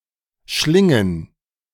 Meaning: plural of Schlinge
- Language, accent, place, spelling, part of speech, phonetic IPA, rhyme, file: German, Germany, Berlin, Schlingen, noun, [ˈʃlɪŋən], -ɪŋən, De-Schlingen.ogg